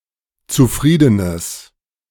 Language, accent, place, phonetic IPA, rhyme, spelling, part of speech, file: German, Germany, Berlin, [t͡suˈfʁiːdənəs], -iːdənəs, zufriedenes, adjective, De-zufriedenes.ogg
- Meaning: strong/mixed nominative/accusative neuter singular of zufrieden